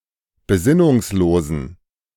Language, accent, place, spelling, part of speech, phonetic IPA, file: German, Germany, Berlin, besinnungslosen, adjective, [beˈzɪnʊŋsˌloːzn̩], De-besinnungslosen.ogg
- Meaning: inflection of besinnungslos: 1. strong genitive masculine/neuter singular 2. weak/mixed genitive/dative all-gender singular 3. strong/weak/mixed accusative masculine singular 4. strong dative plural